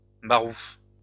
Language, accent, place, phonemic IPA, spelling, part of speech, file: French, France, Lyon, /ba.ʁuf/, barouf, noun, LL-Q150 (fra)-barouf.wav
- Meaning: alternative form of baroufle